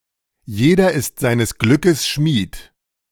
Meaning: every man is the architect of his own fortune
- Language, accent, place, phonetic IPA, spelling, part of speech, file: German, Germany, Berlin, [ˈjeːdɐ ɪst ˌzaɪ̯nəs ˌɡlʏkəs ˈʃmiːt], jeder ist seines Glückes Schmied, phrase, De-jeder ist seines Glückes Schmied.ogg